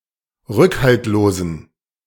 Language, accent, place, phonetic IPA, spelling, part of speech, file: German, Germany, Berlin, [ˈʁʏkhaltloːzn̩], rückhaltlosen, adjective, De-rückhaltlosen.ogg
- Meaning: inflection of rückhaltlos: 1. strong genitive masculine/neuter singular 2. weak/mixed genitive/dative all-gender singular 3. strong/weak/mixed accusative masculine singular 4. strong dative plural